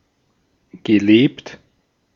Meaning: past participle of leben
- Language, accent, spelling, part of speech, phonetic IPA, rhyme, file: German, Austria, gelebt, verb, [ɡəˈleːpt], -eːpt, De-at-gelebt.ogg